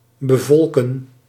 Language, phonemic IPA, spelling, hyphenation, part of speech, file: Dutch, /bəˈvɔlkə(n)/, bevolken, be‧vol‧ken, verb, Nl-bevolken.ogg
- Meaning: to populate